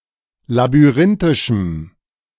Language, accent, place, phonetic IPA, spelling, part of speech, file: German, Germany, Berlin, [labyˈʁɪntɪʃm̩], labyrinthischem, adjective, De-labyrinthischem.ogg
- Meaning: strong dative masculine/neuter singular of labyrinthisch